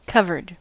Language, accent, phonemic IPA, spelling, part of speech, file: English, US, /ˈkʌvə(ɹ)d/, covered, adjective / verb, En-us-covered.ogg
- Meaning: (adjective) 1. Overlaid (with) or enclosed (within something) 2. Prepared for, or having dealt with, some matter 3. Than whom another player has more money available for betting 4. Wearing one's hat